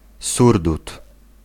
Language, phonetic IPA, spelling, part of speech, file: Polish, [ˈsurdut], surdut, noun, Pl-surdut.ogg